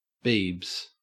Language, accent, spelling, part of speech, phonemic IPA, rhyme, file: English, Australia, Biebs, proper noun, /biːbz/, -iːbz, En-au-Biebs.ogg
- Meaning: The pop musician Justin Bieber